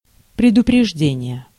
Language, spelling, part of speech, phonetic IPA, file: Russian, предупреждение, noun, [prʲɪdʊprʲɪʐˈdʲenʲɪje], Ru-предупреждение.ogg
- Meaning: 1. notice, warning, notification 2. prevention